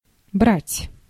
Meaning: to take
- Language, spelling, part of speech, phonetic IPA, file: Russian, брать, verb, [bratʲ], Ru-брать.ogg